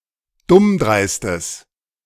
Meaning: strong/mixed nominative/accusative neuter singular of dummdreist
- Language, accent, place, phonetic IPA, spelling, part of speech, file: German, Germany, Berlin, [ˈdʊmˌdʁaɪ̯stəs], dummdreistes, adjective, De-dummdreistes.ogg